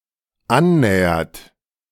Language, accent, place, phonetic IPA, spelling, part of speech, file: German, Germany, Berlin, [ˈanˌnɛːɐt], annähert, verb, De-annähert.ogg
- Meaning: inflection of annähern: 1. third-person singular dependent present 2. second-person plural dependent present